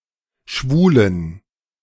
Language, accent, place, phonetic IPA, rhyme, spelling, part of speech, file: German, Germany, Berlin, [ˈʃvuːlən], -uːlən, Schwulen, noun, De-Schwulen.ogg
- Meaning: genitive singular of Schwuler